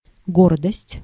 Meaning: pride
- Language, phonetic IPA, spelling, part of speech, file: Russian, [ˈɡordəsʲtʲ], гордость, noun, Ru-гордость.ogg